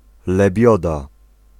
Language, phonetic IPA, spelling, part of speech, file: Polish, [lɛˈbʲjɔda], lebioda, noun, Pl-lebioda.ogg